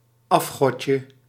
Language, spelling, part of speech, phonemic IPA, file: Dutch, afgodje, noun, /ˈɑfxɔcə/, Nl-afgodje.ogg
- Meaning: diminutive of afgod